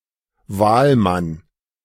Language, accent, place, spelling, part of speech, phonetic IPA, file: German, Germany, Berlin, Wahlmann, noun, [ˈvaːlˌman], De-Wahlmann.ogg
- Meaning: elector, member of an electoral college; person elected by eligible voters to a body which, in turn, votes for candidates for particular political offices (male or of unspecified gender)